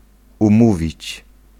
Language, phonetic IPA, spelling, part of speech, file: Polish, [ũˈmuvʲit͡ɕ], umówić, verb, Pl-umówić.ogg